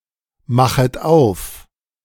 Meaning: second-person plural subjunctive I of aufmachen
- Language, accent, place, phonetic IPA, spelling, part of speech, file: German, Germany, Berlin, [ˌmaxət ˈaʊ̯f], machet auf, verb, De-machet auf.ogg